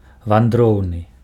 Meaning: nomadic, migratory
- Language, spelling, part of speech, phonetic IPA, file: Belarusian, вандроўны, adjective, [vanˈdrou̯nɨ], Be-вандроўны.ogg